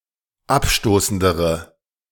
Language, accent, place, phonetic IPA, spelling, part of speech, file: German, Germany, Berlin, [ˈapˌʃtoːsn̩dəʁə], abstoßendere, adjective, De-abstoßendere.ogg
- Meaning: inflection of abstoßend: 1. strong/mixed nominative/accusative feminine singular comparative degree 2. strong nominative/accusative plural comparative degree